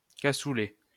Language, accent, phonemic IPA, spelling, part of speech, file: French, France, /ka.su.lɛ/, cassoulet, noun, LL-Q150 (fra)-cassoulet.wav
- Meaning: cassoulet